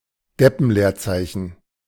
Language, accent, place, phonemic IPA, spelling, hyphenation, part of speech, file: German, Germany, Berlin, /ˈdɛpn̩ˌleːɐ̯t͡saɪ̯çn̩/, Deppenleerzeichen, Dep‧pen‧leer‧zei‧chen, noun, De-Deppenleerzeichen.ogg
- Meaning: A space incorrectly dividing a compound word